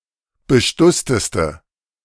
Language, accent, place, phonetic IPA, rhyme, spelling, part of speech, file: German, Germany, Berlin, [bəˈʃtʊstəstə], -ʊstəstə, bestussteste, adjective, De-bestussteste.ogg
- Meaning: inflection of bestusst: 1. strong/mixed nominative/accusative feminine singular superlative degree 2. strong nominative/accusative plural superlative degree